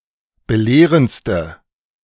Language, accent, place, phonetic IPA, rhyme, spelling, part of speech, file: German, Germany, Berlin, [bəˈleːʁənt͡stə], -eːʁənt͡stə, belehrendste, adjective, De-belehrendste.ogg
- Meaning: inflection of belehrend: 1. strong/mixed nominative/accusative feminine singular superlative degree 2. strong nominative/accusative plural superlative degree